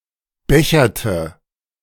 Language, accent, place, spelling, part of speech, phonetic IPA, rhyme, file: German, Germany, Berlin, becherte, verb, [ˈbɛçɐtə], -ɛçɐtə, De-becherte.ogg
- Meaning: inflection of bechern: 1. first/third-person singular preterite 2. first/third-person singular subjunctive II